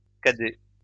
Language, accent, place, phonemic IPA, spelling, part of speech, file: French, France, Lyon, /ka.dɛ/, cadets, adjective, LL-Q150 (fra)-cadets.wav
- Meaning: masculine plural of cadet